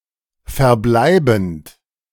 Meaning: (verb) present participle of verbleiben; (adjective) remaining, residual, outstanding
- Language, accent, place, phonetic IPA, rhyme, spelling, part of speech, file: German, Germany, Berlin, [fɛɐ̯ˈblaɪ̯bn̩t], -aɪ̯bn̩t, verbleibend, verb, De-verbleibend.ogg